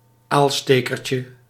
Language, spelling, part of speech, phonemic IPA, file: Dutch, aalstekertje, noun, /ˈalstekərcə/, Nl-aalstekertje.ogg
- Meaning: diminutive of aalsteker